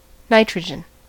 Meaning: The chemical element (symbol N) with an atomic number of 7 and atomic weight of 14.0067. It is a colorless and odorless gas
- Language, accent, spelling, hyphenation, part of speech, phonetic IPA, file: English, US, nitrogen, ni‧tro‧gen, noun, [ˈnɐɪ.t͡ʃʰɹə.d͡ʒən], En-us-nitrogen.ogg